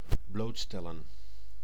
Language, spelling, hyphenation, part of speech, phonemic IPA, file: Dutch, blootstellen, bloot‧stel‧len, verb, /ˈbloːtstɛlə(n)/, Nl-blootstellen.ogg
- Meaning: to expose